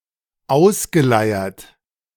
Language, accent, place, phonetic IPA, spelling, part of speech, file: German, Germany, Berlin, [ˈaʊ̯sɡəˌlaɪ̯ɐt], ausgeleiert, verb, De-ausgeleiert.ogg
- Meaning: past participle of ausleiern